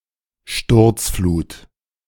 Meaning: flash flood
- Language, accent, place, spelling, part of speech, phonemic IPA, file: German, Germany, Berlin, Sturzflut, noun, /ˈʃtʊrtsfluːt/, De-Sturzflut.ogg